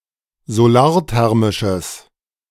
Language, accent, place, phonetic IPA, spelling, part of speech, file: German, Germany, Berlin, [zoˈlaːɐ̯ˌtɛʁmɪʃəs], solarthermisches, adjective, De-solarthermisches.ogg
- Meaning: strong/mixed nominative/accusative neuter singular of solarthermisch